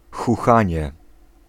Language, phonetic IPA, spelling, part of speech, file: Polish, [xuˈxãɲɛ], chuchanie, noun, Pl-chuchanie.ogg